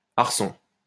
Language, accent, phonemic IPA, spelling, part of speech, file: French, France, /aʁ.sɔ̃/, arçon, noun, LL-Q150 (fra)-arçon.wav
- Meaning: tree (wooden frame used in the construction of a saddle)